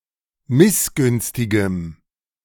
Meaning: strong dative masculine/neuter singular of missgünstig
- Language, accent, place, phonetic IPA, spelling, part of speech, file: German, Germany, Berlin, [ˈmɪsˌɡʏnstɪɡəm], missgünstigem, adjective, De-missgünstigem.ogg